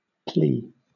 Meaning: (noun) 1. An appeal, petition, urgent prayer or entreaty 2. An excuse; an apology 3. That which is alleged or pleaded, in defense or in justification
- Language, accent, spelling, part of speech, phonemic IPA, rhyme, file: English, Southern England, plea, noun / verb, /pliː/, -iː, LL-Q1860 (eng)-plea.wav